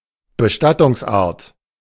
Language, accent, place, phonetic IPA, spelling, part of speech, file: German, Germany, Berlin, [bəˈʃtatʊŋsˌʔaːɐ̯t], Bestattungsart, noun, De-Bestattungsart.ogg
- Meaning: burial